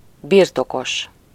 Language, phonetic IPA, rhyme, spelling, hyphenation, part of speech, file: Hungarian, [ˈbirtokoʃ], -oʃ, birtokos, bir‧to‧kos, adjective / noun, Hu-birtokos.ogg
- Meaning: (adjective) 1. proprietary, propertied 2. possessive, genitive (of, or relating to the case of possession); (noun) 1. owner 2. possessor